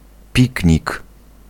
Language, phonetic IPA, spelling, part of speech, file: Polish, [ˈpʲicɲik], piknik, noun, Pl-piknik.ogg